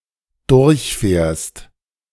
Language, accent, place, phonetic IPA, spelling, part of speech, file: German, Germany, Berlin, [ˈdʊʁçˌfɛːɐ̯st], durchfährst, verb, De-durchfährst.ogg
- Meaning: second-person singular dependent present of durchfahren